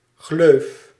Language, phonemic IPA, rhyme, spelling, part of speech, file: Dutch, /ɣløːf/, -øːf, gleuf, noun, Nl-gleuf.ogg
- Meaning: 1. slit (narrow cut or opening; a slot) 2. flute (groove in a column) 3. a vagina